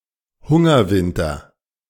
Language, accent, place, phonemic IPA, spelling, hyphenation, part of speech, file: German, Germany, Berlin, /ˈhʊŋɐˌvɪntɐ/, Hungerwinter, Hun‧ger‧win‧ter, noun, De-Hungerwinter.ogg
- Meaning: winter of starvation